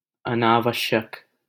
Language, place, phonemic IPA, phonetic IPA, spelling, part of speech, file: Hindi, Delhi, /ə.nɑː.ʋəʃ.jək/, [ɐ.näː.ʋɐʃ.jɐk], अनावश्यक, adjective / adverb, LL-Q1568 (hin)-अनावश्यक.wav
- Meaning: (adjective) unnecessary, unneeded; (adverb) unnecessary, unnecessarily